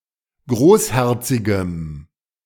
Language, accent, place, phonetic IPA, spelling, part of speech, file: German, Germany, Berlin, [ˈɡʁoːsˌhɛʁt͡sɪɡəm], großherzigem, adjective, De-großherzigem.ogg
- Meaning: strong dative masculine/neuter singular of großherzig